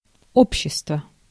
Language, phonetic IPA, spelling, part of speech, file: Russian, [ˈopɕːɪstvə], общество, noun, Ru-общество.ogg
- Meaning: 1. society 2. association, society, union 3. company (group of people together) 4. company (business enterprise) 5. clipping of обществозна́ние (obščestvoznánije): social science